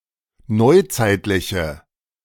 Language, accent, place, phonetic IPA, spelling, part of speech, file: German, Germany, Berlin, [ˈnɔɪ̯ˌt͡saɪ̯tlɪçə], neuzeitliche, adjective, De-neuzeitliche.ogg
- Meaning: inflection of neuzeitlich: 1. strong/mixed nominative/accusative feminine singular 2. strong nominative/accusative plural 3. weak nominative all-gender singular